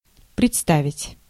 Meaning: 1. to present, to offer 2. to produce, to show 3. to introduce, to present 4. to imagine, to picture, to fancy, to conceive, to envision 5. to perform, to act
- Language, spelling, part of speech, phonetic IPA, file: Russian, представить, verb, [prʲɪt͡sˈtavʲɪtʲ], Ru-представить.ogg